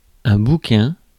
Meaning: 1. old, worn-out book 2. any book 3. buck (male hare or rabbit) 4. mouthpiece of a pipe
- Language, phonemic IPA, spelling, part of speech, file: French, /bu.kɛ̃/, bouquin, noun, Fr-bouquin.ogg